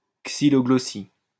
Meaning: synonym of langue de bois
- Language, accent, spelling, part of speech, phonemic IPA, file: French, France, xyloglossie, noun, /ɡzi.lɔ.ɡlɔ.si/, LL-Q150 (fra)-xyloglossie.wav